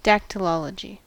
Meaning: The use of the fingers and hands to communicate ideas, especially by the deaf
- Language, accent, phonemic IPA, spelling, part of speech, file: English, US, /ˌdæktəlˈɑləd͡ʒi/, dactylology, noun, En-us-dactylology.ogg